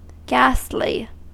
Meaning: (adjective) 1. Like a ghost in appearance; death-like; pale; pallid; dismal 2. Horrifyingly shocking 3. Extremely bad; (adverb) In a ghastly manner
- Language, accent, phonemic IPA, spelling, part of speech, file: English, US, /ˈɡæs(t).li/, ghastly, adjective / adverb, En-us-ghastly.ogg